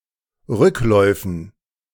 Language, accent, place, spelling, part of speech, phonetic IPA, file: German, Germany, Berlin, Rückläufen, noun, [ˈʁʏklɔɪ̯fn̩], De-Rückläufen.ogg
- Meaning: dative plural of Rücklauf